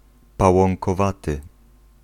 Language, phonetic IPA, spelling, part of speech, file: Polish, [ˌpawɔ̃ŋkɔˈvatɨ], pałąkowaty, adjective, Pl-pałąkowaty.ogg